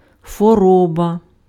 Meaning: disease, illness, sickness
- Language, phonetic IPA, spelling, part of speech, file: Ukrainian, [xwɔˈrɔbɐ], хвороба, noun, Uk-хвороба.ogg